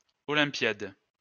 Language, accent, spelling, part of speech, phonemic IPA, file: French, France, olympiade, noun, /ɔ.lɛ̃.pjad/, LL-Q150 (fra)-olympiade.wav
- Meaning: 1. olympiad (period of four years) 2. Olympiad (Olympic Games)